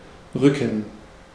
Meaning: 1. to move, to push 2. to move over
- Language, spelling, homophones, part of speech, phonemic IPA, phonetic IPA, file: German, rücken, Rücken, verb, /ˈʁʏkən/, [ˈʁʏkŋ̍], De-rücken.ogg